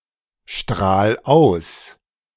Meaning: 1. singular imperative of ausstrahlen 2. first-person singular present of ausstrahlen
- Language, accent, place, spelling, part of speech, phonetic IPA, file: German, Germany, Berlin, strahl aus, verb, [ˌʃtʁaːl ˈaʊ̯s], De-strahl aus.ogg